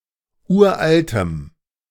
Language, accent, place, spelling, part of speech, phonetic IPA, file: German, Germany, Berlin, uraltem, adjective, [ˈuːɐ̯ʔaltəm], De-uraltem.ogg
- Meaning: strong dative masculine/neuter singular of uralt